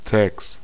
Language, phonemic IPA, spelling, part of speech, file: German, /taːks/, Tags, noun, De-Tags.ogg
- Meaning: genitive singular of Tag